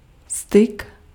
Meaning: 1. contact, touch 2. communication, intercourse 3. sexual intercourse 4. dealings, relations
- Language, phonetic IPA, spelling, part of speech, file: Czech, [ˈstɪk], styk, noun, Cs-styk.ogg